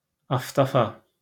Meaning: 1. a jug with a long spout made of plastic used to wash the anus after defecation 2. Iranophile
- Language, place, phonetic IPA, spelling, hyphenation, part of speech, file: Azerbaijani, Baku, [ɑfdɑˈfɑ], aftafa, af‧ta‧fa, noun, LL-Q9292 (aze)-aftafa.wav